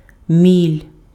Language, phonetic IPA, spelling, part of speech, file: Ukrainian, [mʲilʲ], міль, noun, Uk-міль.ogg
- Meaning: moth (insect)